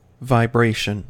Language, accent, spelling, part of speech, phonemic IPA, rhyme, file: English, US, vibration, noun, /vaɪˈbɹeɪʃən/, -eɪʃən, En-us-vibration.ogg
- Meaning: 1. The act of vibrating or the condition of being vibrated 2. Any periodic process, especially a rapid linear motion of a body about an equilibrium position 3. A single complete vibrating motion